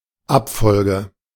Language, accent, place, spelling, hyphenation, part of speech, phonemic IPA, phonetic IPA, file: German, Germany, Berlin, Abfolge, Ab‧fol‧ge, noun, /ˈapˌfɔlɡə/, [ˈʔapˌfɔlɡə], De-Abfolge.ogg
- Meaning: succession (sequence arranged in order)